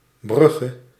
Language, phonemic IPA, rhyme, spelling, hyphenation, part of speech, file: Dutch, /ˈbrʏ.ɣə/, -ʏɣə, Brugge, Brug‧ge, proper noun, Nl-Brugge.ogg
- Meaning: Bruges (the capital city of West Flanders province, Belgium)